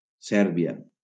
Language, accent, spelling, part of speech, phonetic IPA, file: Catalan, Valencia, Sèrbia, proper noun, [ˈsɛɾ.bi.a], LL-Q7026 (cat)-Sèrbia.wav
- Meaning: Serbia (a country on the Balkan Peninsula in Southeastern Europe)